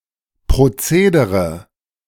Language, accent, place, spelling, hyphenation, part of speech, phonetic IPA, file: German, Germany, Berlin, Procedere, Pro‧ce‧de‧re, noun, [pʁoˈt͡seːdəʁə], De-Procedere.ogg
- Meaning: alternative form of Prozedere